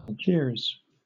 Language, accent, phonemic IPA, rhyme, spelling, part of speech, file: English, Southern England, /ælˈdʒɪə(ɹ)z/, -ɪə(ɹ)z, Algiers, proper noun, LL-Q1860 (eng)-Algiers.wav
- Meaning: 1. The capital and largest city of Algeria 2. The Algerian government 3. A province of Algeria